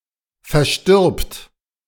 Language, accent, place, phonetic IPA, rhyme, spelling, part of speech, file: German, Germany, Berlin, [fɛɐ̯ˈʃtɪʁpt], -ɪʁpt, verstirbt, verb, De-verstirbt.ogg
- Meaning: third-person singular present of versterben